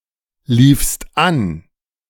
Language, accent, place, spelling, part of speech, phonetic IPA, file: German, Germany, Berlin, liefst an, verb, [ˌliːfst ˈan], De-liefst an.ogg
- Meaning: second-person singular preterite of anlaufen